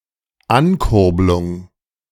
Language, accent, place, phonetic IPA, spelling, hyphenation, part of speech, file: German, Germany, Berlin, [ˈankʊʁblʊŋ], Ankurblung, An‧kurb‧lung, noun, De-Ankurblung.ogg
- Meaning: alternative form of Ankurbelung